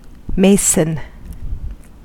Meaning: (noun) 1. A bricklayer, one whose occupation is to build with stone or brick 2. One who prepares stone for building purposes 3. A member of the fraternity of Freemasons. See Freemason
- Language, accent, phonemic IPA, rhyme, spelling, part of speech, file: English, US, /ˈmeɪsən/, -eɪsən, mason, noun / verb, En-us-mason.ogg